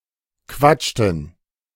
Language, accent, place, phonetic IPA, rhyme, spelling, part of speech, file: German, Germany, Berlin, [ˈkvat͡ʃtn̩], -at͡ʃtn̩, quatschten, verb, De-quatschten.ogg
- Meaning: inflection of quatschen: 1. first/third-person plural preterite 2. first/third-person plural subjunctive II